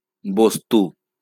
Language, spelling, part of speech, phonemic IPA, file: Bengali, বস্তু, noun, /ˈbɔst̪u/, LL-Q9610 (ben)-বস্তু.wav
- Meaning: thing; object; item